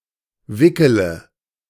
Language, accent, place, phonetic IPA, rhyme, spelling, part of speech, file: German, Germany, Berlin, [ˈvɪkələ], -ɪkələ, wickele, verb, De-wickele.ogg
- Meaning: inflection of wickeln: 1. first-person singular present 2. singular imperative 3. first/third-person singular subjunctive I